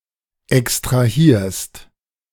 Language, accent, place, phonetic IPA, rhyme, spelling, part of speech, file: German, Germany, Berlin, [ɛkstʁaˈhiːɐ̯st], -iːɐ̯st, extrahierst, verb, De-extrahierst.ogg
- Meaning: second-person singular present of extrahieren